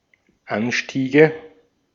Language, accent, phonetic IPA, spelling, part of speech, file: German, Austria, [ˈanˌʃtiːɡə], Anstiege, noun, De-at-Anstiege.ogg
- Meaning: nominative/accusative/genitive plural of Anstieg